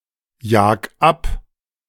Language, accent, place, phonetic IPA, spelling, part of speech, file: German, Germany, Berlin, [ˌjaːk ˈap], jag ab, verb, De-jag ab.ogg
- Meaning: 1. singular imperative of abjagen 2. first-person singular present of abjagen